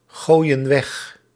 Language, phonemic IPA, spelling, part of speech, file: Dutch, /ˈɣojə(n) ˈwɛx/, gooien weg, verb, Nl-gooien weg.ogg
- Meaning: inflection of weggooien: 1. plural present indicative 2. plural present subjunctive